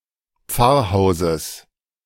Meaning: genitive singular of Pfarrhaus
- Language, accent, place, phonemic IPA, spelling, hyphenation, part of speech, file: German, Germany, Berlin, /ˈp͡faʁˌhaʊ̯zəs/, Pfarrhauses, Pfarr‧hau‧ses, noun, De-Pfarrhauses.ogg